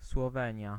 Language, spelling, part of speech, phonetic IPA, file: Polish, Słowenia, proper noun, [swɔˈvɛ̃ɲja], Pl-Słowenia.ogg